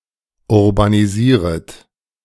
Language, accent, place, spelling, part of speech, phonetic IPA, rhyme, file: German, Germany, Berlin, urbanisieret, verb, [ʊʁbaniˈziːʁət], -iːʁət, De-urbanisieret.ogg
- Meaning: second-person plural subjunctive I of urbanisieren